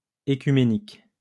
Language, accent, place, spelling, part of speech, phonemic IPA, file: French, France, Lyon, œcuménique, adjective, /e.ky.me.nik/, LL-Q150 (fra)-œcuménique.wav
- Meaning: œcumenic, ecumenic, ecumenical